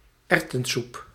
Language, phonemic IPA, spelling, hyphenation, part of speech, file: Dutch, /ˈɛr.tə(n)ˌsup/, erwtensoep, erw‧ten‧soep, noun, Nl-erwtensoep.ogg
- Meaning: pea soup